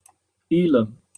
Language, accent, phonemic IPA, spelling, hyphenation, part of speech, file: English, Received Pronunciation, /ˈiːlɛm/, ylem, y‧lem, noun, En-uk-ylem.opus